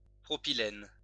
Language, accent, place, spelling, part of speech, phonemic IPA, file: French, France, Lyon, propylène, noun, /pʁɔ.pi.lɛn/, LL-Q150 (fra)-propylène.wav
- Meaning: propylene